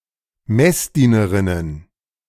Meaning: plural of Messdienerin
- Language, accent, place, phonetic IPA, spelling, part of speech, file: German, Germany, Berlin, [ˈmɛsˌdiːnəʁɪnən], Messdienerinnen, noun, De-Messdienerinnen.ogg